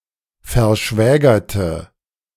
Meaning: inflection of verschwägert: 1. strong/mixed nominative/accusative feminine singular 2. strong nominative/accusative plural 3. weak nominative all-gender singular
- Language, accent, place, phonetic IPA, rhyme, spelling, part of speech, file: German, Germany, Berlin, [fɛɐ̯ˈʃvɛːɡɐtə], -ɛːɡɐtə, verschwägerte, adjective / verb, De-verschwägerte.ogg